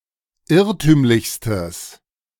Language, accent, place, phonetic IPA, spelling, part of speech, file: German, Germany, Berlin, [ˈɪʁtyːmlɪçstəs], irrtümlichstes, adjective, De-irrtümlichstes.ogg
- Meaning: strong/mixed nominative/accusative neuter singular superlative degree of irrtümlich